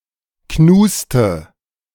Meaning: nominative/accusative/genitive plural of Knust
- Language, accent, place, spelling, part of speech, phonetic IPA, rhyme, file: German, Germany, Berlin, Knuste, noun, [ˈknuːstə], -uːstə, De-Knuste.ogg